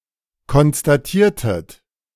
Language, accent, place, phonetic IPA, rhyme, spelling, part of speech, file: German, Germany, Berlin, [kɔnstaˈtiːɐ̯tət], -iːɐ̯tət, konstatiertet, verb, De-konstatiertet.ogg
- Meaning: inflection of konstatieren: 1. second-person plural preterite 2. second-person plural subjunctive II